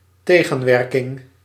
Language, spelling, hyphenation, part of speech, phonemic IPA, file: Dutch, tegenwerking, te‧gen‧wer‧king, noun, /ˈteː.ɣə(n)ˌʋɛr.kɪŋ/, Nl-tegenwerking.ogg
- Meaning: opposition